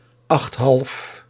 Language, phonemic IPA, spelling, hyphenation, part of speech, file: Dutch, /ɑxt.ɦɑlf/, achthalf, acht‧half, numeral, Nl-achthalf.ogg
- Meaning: seven and a half